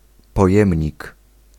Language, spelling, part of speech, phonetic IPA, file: Polish, pojemnik, noun, [pɔˈjɛ̃mʲɲik], Pl-pojemnik.ogg